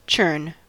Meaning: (verb) To agitate rapidly and repetitively, or to stir with a rowing or rocking motion; generally applies to liquids, notably cream
- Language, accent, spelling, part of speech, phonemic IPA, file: English, US, churn, verb / noun, /t͡ʃɝn/, En-us-churn.ogg